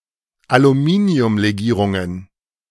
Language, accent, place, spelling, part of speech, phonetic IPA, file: German, Germany, Berlin, Aluminiumlegierungen, noun, [aluˈmiːni̯ʊmleˌɡiːʁʊŋən], De-Aluminiumlegierungen.ogg
- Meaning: plural of Aluminiumlegierung